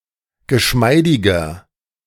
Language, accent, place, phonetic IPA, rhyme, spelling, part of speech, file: German, Germany, Berlin, [ɡəˈʃmaɪ̯dɪɡɐ], -aɪ̯dɪɡɐ, geschmeidiger, adjective, De-geschmeidiger.ogg
- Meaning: 1. comparative degree of geschmeidig 2. inflection of geschmeidig: strong/mixed nominative masculine singular 3. inflection of geschmeidig: strong genitive/dative feminine singular